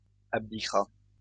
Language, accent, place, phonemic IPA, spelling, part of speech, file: French, France, Lyon, /ab.di.kʁa/, abdiquera, verb, LL-Q150 (fra)-abdiquera.wav
- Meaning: third-person singular future of abdiquer